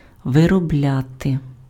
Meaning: 1. to manufacture, to produce, to make 2. to work out, to elaborate 3. to work out, to exhaust 4. to be up to
- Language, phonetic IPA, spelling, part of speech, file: Ukrainian, [ʋerɔˈblʲate], виробляти, verb, Uk-виробляти.ogg